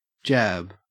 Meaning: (noun) 1. A quick stab or blow; a poking or thrusting motion 2. A short straight punch 3. A medical hypodermic injection (vaccination or inoculation)
- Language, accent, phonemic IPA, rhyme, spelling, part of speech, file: English, Australia, /d͡ʒæb/, -æb, jab, noun / verb, En-au-jab.ogg